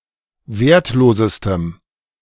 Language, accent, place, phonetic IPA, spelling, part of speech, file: German, Germany, Berlin, [ˈveːɐ̯tˌloːzəstəm], wertlosestem, adjective, De-wertlosestem.ogg
- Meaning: strong dative masculine/neuter singular superlative degree of wertlos